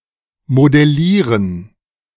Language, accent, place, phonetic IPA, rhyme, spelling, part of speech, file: German, Germany, Berlin, [modɛˈliːʁən], -iːʁən, modellieren, verb, De-modellieren.ogg
- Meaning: to model